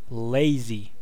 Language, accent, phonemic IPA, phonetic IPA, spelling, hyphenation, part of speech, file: English, US, /ˈleɪ̯zi(ː)/, [ˈleɪ̯zɪi̯], lazy, la‧zy, adjective / verb / noun, En-us-lazy.ogg
- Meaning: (adjective) 1. Unwilling to do work or make an effort; disinclined to exertion 2. Causing or characterised by idleness; relaxed or leisurely 3. Showing a lack of effort or care